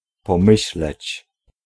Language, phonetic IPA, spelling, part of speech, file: Polish, [pɔ̃ˈmɨɕlɛt͡ɕ], pomyśleć, verb, Pl-pomyśleć.ogg